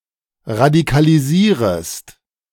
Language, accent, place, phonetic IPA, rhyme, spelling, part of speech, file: German, Germany, Berlin, [ʁadikaliˈziːʁəst], -iːʁəst, radikalisierest, verb, De-radikalisierest.ogg
- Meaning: second-person singular subjunctive I of radikalisieren